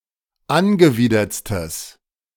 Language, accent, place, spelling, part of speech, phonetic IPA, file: German, Germany, Berlin, angewidertstes, adjective, [ˈanɡəˌviːdɐt͡stəs], De-angewidertstes.ogg
- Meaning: strong/mixed nominative/accusative neuter singular superlative degree of angewidert